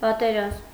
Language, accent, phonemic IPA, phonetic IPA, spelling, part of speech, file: Armenian, Eastern Armenian, /pɑteˈɾɑzm/, [pɑteɾɑ́zm], պատերազմ, noun, Hy-պատերազմ.ogg
- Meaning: war